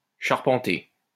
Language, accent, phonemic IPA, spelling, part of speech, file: French, France, /ʃaʁ.pɑ̃.te/, charpenter, verb, LL-Q150 (fra)-charpenter.wav
- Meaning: to tailor, to tailor make